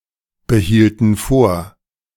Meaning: inflection of vorbehalten: 1. first/third-person plural preterite 2. first/third-person plural subjunctive II
- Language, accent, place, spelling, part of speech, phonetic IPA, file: German, Germany, Berlin, behielten vor, verb, [bəˌhiːltn̩ ˈfoːɐ̯], De-behielten vor.ogg